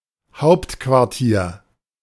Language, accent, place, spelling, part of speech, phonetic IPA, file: German, Germany, Berlin, Hauptquartier, noun, [ˈhaʊ̯ptkvaʁˌtiːɐ̯], De-Hauptquartier.ogg
- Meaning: headquarters